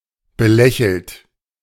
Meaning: past participle of belächeln
- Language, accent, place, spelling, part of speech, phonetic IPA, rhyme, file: German, Germany, Berlin, belächelt, verb, [bəˈlɛçl̩t], -ɛçl̩t, De-belächelt.ogg